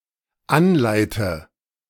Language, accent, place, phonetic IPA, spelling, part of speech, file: German, Germany, Berlin, [ˈanˌlaɪ̯tə], anleite, verb, De-anleite.ogg
- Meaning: inflection of anleiten: 1. first-person singular dependent present 2. first/third-person singular dependent subjunctive I